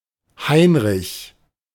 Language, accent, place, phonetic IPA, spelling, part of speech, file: German, Germany, Berlin, [ˈhaɪnʁɪç], Heinrich, proper noun, De-Heinrich.ogg
- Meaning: a male given name from Old High German, feminine equivalent Heike and Henny, equivalent to English Henry; diminutive forms Heiko, Heine, Heiner, Heinz, Hein